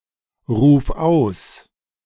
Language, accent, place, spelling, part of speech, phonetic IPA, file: German, Germany, Berlin, ruf aus, verb, [ˌʁuːf ˈaʊ̯s], De-ruf aus.ogg
- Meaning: singular imperative of ausrufen